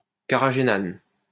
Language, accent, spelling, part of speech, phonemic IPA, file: French, France, carraghénane, noun, /ka.ʁa.ɡe.nan/, LL-Q150 (fra)-carraghénane.wav
- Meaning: carrageenan